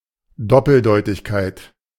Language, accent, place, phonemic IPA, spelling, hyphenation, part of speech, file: German, Germany, Berlin, /ˈdɔpl̩ˌdɔɪ̯tɪçkaɪ̯t/, Doppeldeutigkeit, Dop‧pel‧deu‧tig‧keit, noun, De-Doppeldeutigkeit.ogg
- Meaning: 1. the state or quality of having two possible meanings, interpretations 2. something (a statement etc.) that has two possible meanings, interpretations